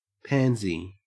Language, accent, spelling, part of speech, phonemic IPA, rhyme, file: English, Australia, pansy, noun / adjective / verb, /ˈpæn.zi/, -ænzi, En-au-pansy.ogg
- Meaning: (noun) 1. A cultivated flowering plant, derived by hybridization within species Viola tricolor 2. A deep purple colour, like that of the pansy